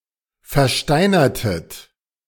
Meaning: inflection of versteinern: 1. second-person plural preterite 2. second-person plural subjunctive II
- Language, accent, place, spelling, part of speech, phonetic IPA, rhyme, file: German, Germany, Berlin, versteinertet, verb, [fɛɐ̯ˈʃtaɪ̯nɐtət], -aɪ̯nɐtət, De-versteinertet.ogg